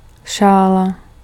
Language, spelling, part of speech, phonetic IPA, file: Czech, šála, noun, [ˈʃaːla], Cs-šála.ogg
- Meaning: scarf (knitted garment worn around the neck)